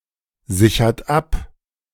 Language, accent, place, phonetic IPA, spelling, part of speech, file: German, Germany, Berlin, [ˌzɪçɐt ˈap], sichert ab, verb, De-sichert ab.ogg
- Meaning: inflection of absichern: 1. second-person plural present 2. third-person singular present 3. plural imperative